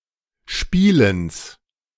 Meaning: genitive of Spielen
- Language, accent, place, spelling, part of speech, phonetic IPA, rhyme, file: German, Germany, Berlin, Spielens, noun, [ˈʃpiːləns], -iːləns, De-Spielens.ogg